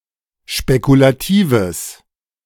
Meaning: strong/mixed nominative/accusative neuter singular of spekulativ
- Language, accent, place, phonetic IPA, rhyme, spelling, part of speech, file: German, Germany, Berlin, [ʃpekulaˈtiːvəs], -iːvəs, spekulatives, adjective, De-spekulatives.ogg